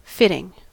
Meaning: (adjective) That fits.: 1. Chiefly preceded by a descriptive adverb or noun: that fits in some manner (often closely) to the shape or size of something 2. Appropriate, suitable, proper
- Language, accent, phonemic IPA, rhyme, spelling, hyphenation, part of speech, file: English, General American, /ˈfɪtɪŋ/, -ɪtɪŋ, fitting, fit‧ting, adjective / noun / verb, En-us-fitting.ogg